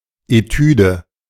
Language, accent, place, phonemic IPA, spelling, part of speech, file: German, Germany, Berlin, /eˈtyːdə/, Etüde, noun, De-Etüde.ogg
- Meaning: etude